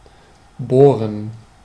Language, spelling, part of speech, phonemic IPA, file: German, bohren, verb, /ˈboːrən/, De-bohren.ogg
- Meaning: 1. to bore, to drill 2. to pry (keep asking)